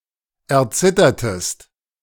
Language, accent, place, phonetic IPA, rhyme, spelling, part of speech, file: German, Germany, Berlin, [ɛɐ̯ˈt͡sɪtɐtəst], -ɪtɐtəst, erzittertest, verb, De-erzittertest.ogg
- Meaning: inflection of erzittern: 1. second-person singular preterite 2. second-person singular subjunctive II